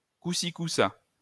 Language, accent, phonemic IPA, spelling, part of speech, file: French, France, /ku.si.ku.sa/, couci-couça, adverb, LL-Q150 (fra)-couci-couça.wav
- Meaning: so-so (neither well nor badly)